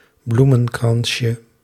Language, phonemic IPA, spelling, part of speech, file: Dutch, /ˈblumə(n)ˌkrɑnʃə/, bloemenkransje, noun, Nl-bloemenkransje.ogg
- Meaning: diminutive of bloemenkrans